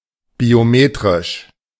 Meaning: biometric
- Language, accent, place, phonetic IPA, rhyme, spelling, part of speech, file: German, Germany, Berlin, [bioˈmeːtʁɪʃ], -eːtʁɪʃ, biometrisch, adjective, De-biometrisch.ogg